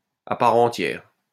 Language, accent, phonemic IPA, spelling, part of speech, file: French, France, /a pa.ʁ‿ɑ̃.tjɛʁ/, à part entière, adjective, LL-Q150 (fra)-à part entière.wav
- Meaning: full-fledged; in one's own right